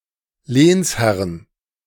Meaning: 1. genitive/dative/accusative singular of Lehnsherr 2. plural of Lehnsherr
- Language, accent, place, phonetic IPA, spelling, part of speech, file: German, Germany, Berlin, [ˈleːnsˌhɛʁən], Lehnsherren, noun, De-Lehnsherren.ogg